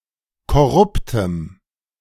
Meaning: strong dative masculine/neuter singular of korrupt
- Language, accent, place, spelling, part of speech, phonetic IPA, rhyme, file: German, Germany, Berlin, korruptem, adjective, [kɔˈʁʊptəm], -ʊptəm, De-korruptem.ogg